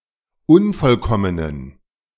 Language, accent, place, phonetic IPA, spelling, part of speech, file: German, Germany, Berlin, [ˈʊnfɔlˌkɔmənən], unvollkommenen, adjective, De-unvollkommenen.ogg
- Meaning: inflection of unvollkommen: 1. strong genitive masculine/neuter singular 2. weak/mixed genitive/dative all-gender singular 3. strong/weak/mixed accusative masculine singular 4. strong dative plural